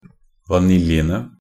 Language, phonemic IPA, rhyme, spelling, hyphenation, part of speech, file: Norwegian Bokmål, /vaˈnɪljənə/, -ənə, vaniljene, va‧nil‧je‧ne, noun, Nb-vaniljene.ogg
- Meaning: definite plural of vanilje